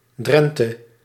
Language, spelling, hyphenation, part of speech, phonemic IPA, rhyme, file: Dutch, Drenthe, Dren‧the, proper noun, /ˈdrɛn.tə/, -ɛntə, Nl-Drenthe.ogg
- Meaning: Drenthe, a province of the Netherlands